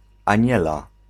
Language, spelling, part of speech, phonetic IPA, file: Polish, Aniela, proper noun, [ãˈɲɛla], Pl-Aniela.ogg